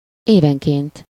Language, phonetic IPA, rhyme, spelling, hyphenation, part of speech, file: Hungarian, [ˈeːvɛŋkeːnt], -eːnt, évenként, éven‧ként, adverb, Hu-évenként.ogg
- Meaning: annually, yearly (every year)